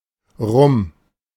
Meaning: rum
- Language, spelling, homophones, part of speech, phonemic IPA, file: German, Rum, rum, noun, /rʊm/, De-Rum.ogg